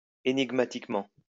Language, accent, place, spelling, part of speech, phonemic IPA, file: French, France, Lyon, ænigmatiquement, adverb, /e.niɡ.ma.tik.mɑ̃/, LL-Q150 (fra)-ænigmatiquement.wav
- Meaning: obsolete form of énigmatiquement